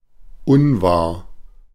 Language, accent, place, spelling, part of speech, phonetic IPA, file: German, Germany, Berlin, unwahr, adjective, [ˈʊnˌvaːɐ̯], De-unwahr.ogg
- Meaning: untrue